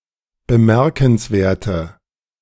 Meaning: inflection of bemerkenswert: 1. strong/mixed nominative/accusative feminine singular 2. strong nominative/accusative plural 3. weak nominative all-gender singular
- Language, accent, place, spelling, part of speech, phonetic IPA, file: German, Germany, Berlin, bemerkenswerte, adjective, [bəˈmɛʁkn̩sˌveːɐ̯tə], De-bemerkenswerte.ogg